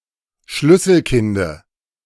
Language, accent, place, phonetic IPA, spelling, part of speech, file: German, Germany, Berlin, [ˈʃlʏsl̩ˌkɪndə], Schlüsselkinde, noun, De-Schlüsselkinde.ogg
- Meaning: dative of Schlüsselkind